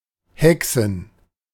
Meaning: nominative/genitive/dative/accusative plural of Hexe
- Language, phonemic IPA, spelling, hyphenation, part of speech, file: German, /ˈhɛk.sən/, Hexen, He‧xen, noun, De-Hexen.ogg